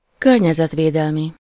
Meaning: environmental
- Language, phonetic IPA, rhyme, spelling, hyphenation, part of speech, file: Hungarian, [ˈkørɲɛzɛtveːdɛlmi], -mi, környezetvédelmi, kör‧nye‧zet‧vé‧del‧mi, adjective, Hu-környezetvédelmi.ogg